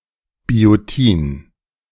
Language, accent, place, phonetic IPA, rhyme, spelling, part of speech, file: German, Germany, Berlin, [bioˈtiːn], -iːn, Biotin, noun, De-Biotin.ogg
- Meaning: biotin